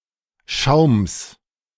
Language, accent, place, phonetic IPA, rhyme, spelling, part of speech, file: German, Germany, Berlin, [ʃaʊ̯ms], -aʊ̯ms, Schaums, noun, De-Schaums.ogg
- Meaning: genitive singular of Schaum